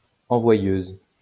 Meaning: female equivalent of envoyeur
- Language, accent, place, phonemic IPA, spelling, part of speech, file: French, France, Lyon, /ɑ̃.vwa.jøz/, envoyeuse, noun, LL-Q150 (fra)-envoyeuse.wav